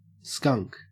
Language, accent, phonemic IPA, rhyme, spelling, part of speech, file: English, Australia, /skʌŋk/, -ʌŋk, skunk, noun / verb, En-au-skunk.ogg